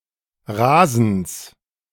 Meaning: genitive singular of Rasen
- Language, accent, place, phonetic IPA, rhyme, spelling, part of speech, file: German, Germany, Berlin, [ʁaːzn̩s], -aːzn̩s, Rasens, noun, De-Rasens.ogg